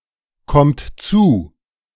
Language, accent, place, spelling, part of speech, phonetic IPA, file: German, Germany, Berlin, kommt zu, verb, [ˌkɔmt ˈt͡suː], De-kommt zu.ogg
- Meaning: inflection of zukommen: 1. third-person singular present 2. second-person plural present 3. plural imperative